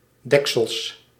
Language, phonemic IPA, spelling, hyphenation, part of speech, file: Dutch, /ˈdɛk.səls/, deksels, dek‧sels, interjection / adjective / noun, Nl-deksels.ogg
- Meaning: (interjection) 1. darn! 2. boy!; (adjective) darned, bloody; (noun) plural of deksel